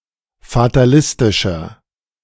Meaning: 1. comparative degree of fatalistisch 2. inflection of fatalistisch: strong/mixed nominative masculine singular 3. inflection of fatalistisch: strong genitive/dative feminine singular
- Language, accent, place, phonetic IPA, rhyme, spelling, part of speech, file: German, Germany, Berlin, [fataˈlɪstɪʃɐ], -ɪstɪʃɐ, fatalistischer, adjective, De-fatalistischer.ogg